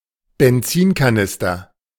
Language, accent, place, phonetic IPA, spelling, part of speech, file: German, Germany, Berlin, [bɛnˈt͡siːnkaˌnɪstɐ], Benzinkanister, noun, De-Benzinkanister.ogg
- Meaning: fuel jerrycan, gasoline can